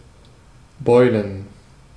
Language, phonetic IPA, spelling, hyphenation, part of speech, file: German, [ˈbɔɪ̯lən], beulen, beu‧len, verb, De-beulen.ogg
- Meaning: to become swelled